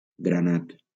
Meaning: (adjective) garnet; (noun) garnet (the gem and the color); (verb) past participle of granar
- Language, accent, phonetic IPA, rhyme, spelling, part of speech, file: Catalan, Valencia, [ɡɾaˈnat], -at, granat, adjective / noun / verb, LL-Q7026 (cat)-granat.wav